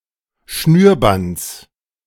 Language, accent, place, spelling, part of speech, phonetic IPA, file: German, Germany, Berlin, Schnürbands, noun, [ˈʃnyːɐ̯ˌbant͡s], De-Schnürbands.ogg
- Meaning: genitive singular of Schnürband